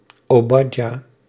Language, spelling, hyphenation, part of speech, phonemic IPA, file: Dutch, Obadja, Obad‧ja, proper noun, /oːˈbɑt.jaː/, Nl-Obadja.ogg
- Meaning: Obadiah